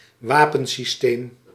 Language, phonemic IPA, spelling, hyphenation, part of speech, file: Dutch, /ˈʋaː.pə(n).siˈsteːm/, wapensysteem, wa‧pen‧sys‧teem, noun, Nl-wapensysteem.ogg
- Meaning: weapons system